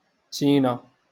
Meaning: vagina
- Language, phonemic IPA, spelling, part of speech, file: Moroccan Arabic, /tiː.na/, تينة, noun, LL-Q56426 (ary)-تينة.wav